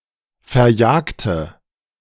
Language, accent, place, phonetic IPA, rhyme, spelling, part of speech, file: German, Germany, Berlin, [fɛɐ̯ˈjaːktə], -aːktə, verjagte, adjective / verb, De-verjagte.ogg
- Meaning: inflection of verjagen: 1. first/third-person singular preterite 2. first/third-person singular subjunctive II